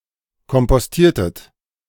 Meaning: inflection of kompostieren: 1. second-person plural preterite 2. second-person plural subjunctive II
- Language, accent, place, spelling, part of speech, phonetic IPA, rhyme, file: German, Germany, Berlin, kompostiertet, verb, [kɔmpɔsˈtiːɐ̯tət], -iːɐ̯tət, De-kompostiertet.ogg